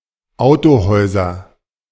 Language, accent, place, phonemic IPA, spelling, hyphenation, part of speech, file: German, Germany, Berlin, /ˈaʊ̯toˌhɔɪ̯zɐ/, Autohäuser, Au‧to‧häu‧ser, noun, De-Autohäuser.ogg
- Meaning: nominative/accusative/genitive plural of Autohaus